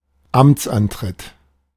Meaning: inauguration (especially political)
- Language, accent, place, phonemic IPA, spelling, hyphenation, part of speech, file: German, Germany, Berlin, /ˈamt͡sʔanˌtʁɪt/, Amtsantritt, Amts‧an‧tritt, noun, De-Amtsantritt.ogg